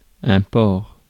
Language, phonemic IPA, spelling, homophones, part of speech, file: French, /pɔʁ/, porc, porcs / port / ports, noun, Fr-porc.ogg
- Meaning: 1. pork 2. pig 3. dirty pig, swine, contemptible person 4. pig; cop